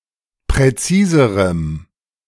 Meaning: 1. strong dative masculine/neuter singular comparative degree of präzis 2. strong dative masculine/neuter singular comparative degree of präzise
- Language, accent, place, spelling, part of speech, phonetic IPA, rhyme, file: German, Germany, Berlin, präziserem, adjective, [pʁɛˈt͡siːzəʁəm], -iːzəʁəm, De-präziserem.ogg